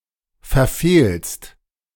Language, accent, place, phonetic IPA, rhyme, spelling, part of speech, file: German, Germany, Berlin, [fɛɐ̯ˈfeːlst], -eːlst, verfehlst, verb, De-verfehlst.ogg
- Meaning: second-person singular present of verfehlen